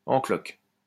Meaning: knocked up, up the duff
- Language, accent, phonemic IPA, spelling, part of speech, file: French, France, /ɑ̃ klɔk/, en cloque, adjective, LL-Q150 (fra)-en cloque.wav